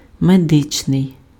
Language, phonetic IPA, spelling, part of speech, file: Ukrainian, [meˈdɪt͡ʃnei̯], медичний, adjective, Uk-медичний.ogg
- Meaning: medical